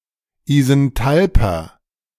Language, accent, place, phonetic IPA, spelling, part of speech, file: German, Germany, Berlin, [izɛnˈtalpɐ], isenthalper, adjective, De-isenthalper.ogg
- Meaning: inflection of isenthalp: 1. strong/mixed nominative masculine singular 2. strong genitive/dative feminine singular 3. strong genitive plural